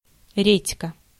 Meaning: radish
- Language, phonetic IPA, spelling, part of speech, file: Russian, [ˈrʲetʲkə], редька, noun, Ru-редька.ogg